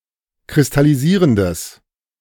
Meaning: strong/mixed nominative/accusative neuter singular of kristallisierend
- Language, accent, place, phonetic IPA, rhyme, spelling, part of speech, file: German, Germany, Berlin, [kʁɪstaliˈziːʁəndəs], -iːʁəndəs, kristallisierendes, adjective, De-kristallisierendes.ogg